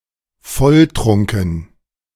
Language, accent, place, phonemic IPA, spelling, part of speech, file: German, Germany, Berlin, /ˈfɔlˌtʁʊŋkn̩/, volltrunken, adjective, De-volltrunken.ogg
- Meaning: completely drunk